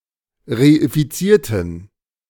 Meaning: inflection of reifizieren: 1. first/third-person plural preterite 2. first/third-person plural subjunctive II
- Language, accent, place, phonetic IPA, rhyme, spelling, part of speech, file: German, Germany, Berlin, [ʁeifiˈt͡siːɐ̯tn̩], -iːɐ̯tn̩, reifizierten, adjective / verb, De-reifizierten.ogg